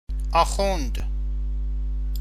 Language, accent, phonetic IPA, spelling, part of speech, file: Persian, Iran, [ʔɒː.xúːn̪d̪̥], آخوند, noun, Fa-آخوند.ogg
- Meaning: A mullah or akhund, specifically a cleric of the Usuli Shia school